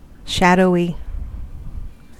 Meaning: 1. In shadow; darkened by shadows 2. Dark, obscure 3. Vague, dim, unclear, faint 4. Indulging in fancies; daydreaming
- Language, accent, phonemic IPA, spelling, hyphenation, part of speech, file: English, US, /ˈʃæd.oʊ.i/, shadowy, shad‧owy, adjective, En-us-shadowy.ogg